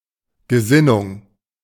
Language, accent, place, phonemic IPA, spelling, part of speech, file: German, Germany, Berlin, /ɡəˈzɪnʊŋ/, Gesinnung, noun, De-Gesinnung.ogg
- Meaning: mentality, attitude